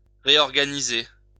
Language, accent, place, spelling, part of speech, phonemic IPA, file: French, France, Lyon, réorganiser, verb, /ʁe.ɔʁ.ɡa.ni.ze/, LL-Q150 (fra)-réorganiser.wav
- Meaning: to reorganise